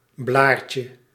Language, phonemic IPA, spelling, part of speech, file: Dutch, /ˈblarcə/, blaartje, noun, Nl-blaartje.ogg
- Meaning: diminutive of blaar